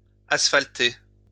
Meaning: to asphalt
- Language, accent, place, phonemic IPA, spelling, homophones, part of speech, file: French, France, Lyon, /as.fal.te/, asphalter, asphalté / asphaltez / asphaltai, verb, LL-Q150 (fra)-asphalter.wav